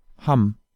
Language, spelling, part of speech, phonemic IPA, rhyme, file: German, Hamm, proper noun, /ˈham/, -am, De-Hamm.ogg
- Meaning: 1. a topographic or habitational surname with an etymology similar to that of English Hamm 2. Hamm (an independent city in North Rhine-Westphalia, Germany)